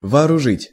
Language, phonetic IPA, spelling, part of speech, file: Russian, [vɐɐrʊˈʐɨtʲ], вооружить, verb, Ru-вооружить.ogg
- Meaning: 1. to arm, to equip 2. to set against, to instigate